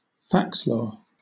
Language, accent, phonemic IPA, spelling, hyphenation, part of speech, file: English, Southern England, /ˈfækslɔː/, faxlore, fax‧lore, noun, LL-Q1860 (eng)-faxlore.wav
- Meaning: A kind of folklore comprising humorous material and urban legends that are shared by fax machine